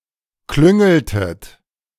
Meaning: inflection of klüngeln: 1. second-person plural preterite 2. second-person plural subjunctive II
- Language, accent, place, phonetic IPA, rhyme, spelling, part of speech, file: German, Germany, Berlin, [ˈklʏŋl̩tət], -ʏŋl̩tət, klüngeltet, verb, De-klüngeltet.ogg